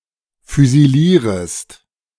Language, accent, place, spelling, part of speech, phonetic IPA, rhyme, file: German, Germany, Berlin, füsilierest, verb, [fyziˈliːʁəst], -iːʁəst, De-füsilierest.ogg
- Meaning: second-person singular subjunctive I of füsilieren